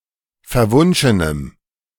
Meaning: strong dative masculine/neuter singular of verwunschen
- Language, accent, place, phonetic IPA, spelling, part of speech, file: German, Germany, Berlin, [fɛɐ̯ˈvʊnʃənəm], verwunschenem, adjective, De-verwunschenem.ogg